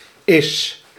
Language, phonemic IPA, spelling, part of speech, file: Dutch, /ɪs/, is, verb / adverb, Nl-is.ogg
- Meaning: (verb) third-person singular present indicative of zijn; is, equals; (adverb) alternative form of eens (“once”)